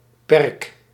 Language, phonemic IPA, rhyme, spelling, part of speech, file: Dutch, /pɛrk/, -ɛrk, perk, noun, Nl-perk.ogg
- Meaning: a delimited piece of ground, e.g. a flowerbed